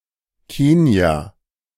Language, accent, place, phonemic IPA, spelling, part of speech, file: German, Germany, Berlin, /ˈkeːni̯a/, Kenia, proper noun / noun, De-Kenia.ogg
- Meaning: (proper noun) Kenya (a country in East Africa); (noun) ellipsis of Kenia-Koalition